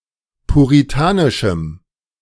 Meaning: strong dative masculine/neuter singular of puritanisch
- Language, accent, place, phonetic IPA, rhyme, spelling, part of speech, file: German, Germany, Berlin, [puʁiˈtaːnɪʃm̩], -aːnɪʃm̩, puritanischem, adjective, De-puritanischem.ogg